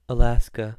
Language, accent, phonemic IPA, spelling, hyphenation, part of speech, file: English, General American, /əˈlæs.kə/, Alaska, A‧las‧ka, proper noun / noun, En-us-Alaska.ogg
- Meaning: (proper noun) A state of the United States, formerly a territory. Capital: Juneau. Largest city: Anchorage. Postal code: AK